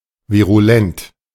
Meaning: virulent
- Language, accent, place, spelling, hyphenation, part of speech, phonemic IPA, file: German, Germany, Berlin, virulent, vi‧ru‧lent, adjective, /viʁuˈlɛnt/, De-virulent.ogg